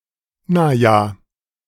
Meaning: 1. well 2. uh-huh, if you say so (expresses disagreement with what was said but an unwillingness to argue about it)
- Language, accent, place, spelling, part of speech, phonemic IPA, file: German, Germany, Berlin, naja, interjection, /na(ː)ˈja(ː)/, De-naja.ogg